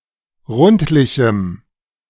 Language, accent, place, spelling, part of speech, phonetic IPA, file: German, Germany, Berlin, rundlichem, adjective, [ˈʁʊntlɪçm̩], De-rundlichem.ogg
- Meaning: strong dative masculine/neuter singular of rundlich